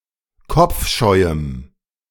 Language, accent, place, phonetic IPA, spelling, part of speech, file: German, Germany, Berlin, [ˈkɔp͡fˌʃɔɪ̯əm], kopfscheuem, adjective, De-kopfscheuem.ogg
- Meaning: strong dative masculine/neuter singular of kopfscheu